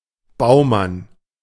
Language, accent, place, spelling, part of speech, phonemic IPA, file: German, Germany, Berlin, Baumann, proper noun, /ˈbaʊ̯man/, De-Baumann.ogg
- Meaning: a surname originating as an occupation